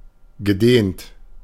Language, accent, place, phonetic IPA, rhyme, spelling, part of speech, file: German, Germany, Berlin, [ɡəˈdeːnt], -eːnt, gedehnt, adjective / verb, De-gedehnt.ogg
- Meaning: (verb) past participle of dehnen; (adjective) stretched